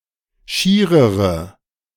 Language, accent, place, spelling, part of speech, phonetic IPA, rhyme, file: German, Germany, Berlin, schierere, adjective, [ˈʃiːʁəʁə], -iːʁəʁə, De-schierere.ogg
- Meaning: inflection of schier: 1. strong/mixed nominative/accusative feminine singular comparative degree 2. strong nominative/accusative plural comparative degree